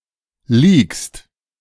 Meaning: second-person singular present of leaken
- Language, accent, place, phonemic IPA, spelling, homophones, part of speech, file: German, Germany, Berlin, /ˈliːkst/, leakst, liegst, verb, De-leakst.ogg